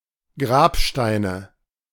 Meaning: nominative/accusative/genitive plural of Grabstein
- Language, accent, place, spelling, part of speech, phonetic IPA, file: German, Germany, Berlin, Grabsteine, noun, [ˈɡʁaːpʃtaɪ̯nə], De-Grabsteine.ogg